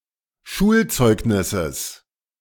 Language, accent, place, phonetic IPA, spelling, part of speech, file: German, Germany, Berlin, [ˈʃuːlˌt͡sɔɪ̯ɡnɪsəs], Schulzeugnisses, noun, De-Schulzeugnisses.ogg
- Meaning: genitive singular of Schulzeugnis